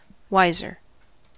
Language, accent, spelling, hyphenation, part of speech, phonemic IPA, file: English, US, wiser, wis‧er, adjective, /ˈwaɪzɚ/, En-us-wiser.ogg
- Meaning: comparative form of wise: more wise